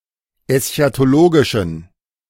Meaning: inflection of eschatologisch: 1. strong genitive masculine/neuter singular 2. weak/mixed genitive/dative all-gender singular 3. strong/weak/mixed accusative masculine singular 4. strong dative plural
- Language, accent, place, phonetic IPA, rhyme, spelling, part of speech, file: German, Germany, Berlin, [ɛsçatoˈloːɡɪʃn̩], -oːɡɪʃn̩, eschatologischen, adjective, De-eschatologischen.ogg